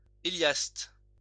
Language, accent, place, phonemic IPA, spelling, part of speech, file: French, France, Lyon, /e.ljast/, héliaste, noun, LL-Q150 (fra)-héliaste.wav
- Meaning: heliast